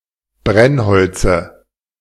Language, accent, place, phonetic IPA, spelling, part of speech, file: German, Germany, Berlin, [ˈbʁɛnˌhɔlt͡sə], Brennholze, noun, De-Brennholze.ogg
- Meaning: dative of Brennholz